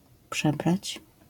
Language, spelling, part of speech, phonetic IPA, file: Polish, przebrać, verb, [ˈpʃɛbrat͡ɕ], LL-Q809 (pol)-przebrać.wav